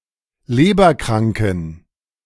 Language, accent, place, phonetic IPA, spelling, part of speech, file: German, Germany, Berlin, [ˈleːbɐˌkʁaŋkn̩], leberkranken, adjective, De-leberkranken.ogg
- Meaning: inflection of leberkrank: 1. strong genitive masculine/neuter singular 2. weak/mixed genitive/dative all-gender singular 3. strong/weak/mixed accusative masculine singular 4. strong dative plural